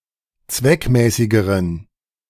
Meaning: inflection of zweckmäßig: 1. strong genitive masculine/neuter singular comparative degree 2. weak/mixed genitive/dative all-gender singular comparative degree
- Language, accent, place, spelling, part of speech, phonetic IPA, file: German, Germany, Berlin, zweckmäßigeren, adjective, [ˈt͡svɛkˌmɛːsɪɡəʁən], De-zweckmäßigeren.ogg